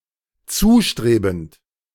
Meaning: present participle of zustreben
- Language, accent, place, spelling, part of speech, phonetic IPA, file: German, Germany, Berlin, zustrebend, verb, [ˈt͡suːˌʃtʁeːbn̩t], De-zustrebend.ogg